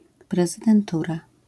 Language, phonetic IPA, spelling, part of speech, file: Polish, [ˌprɛzɨdɛ̃nˈtura], prezydentura, noun, LL-Q809 (pol)-prezydentura.wav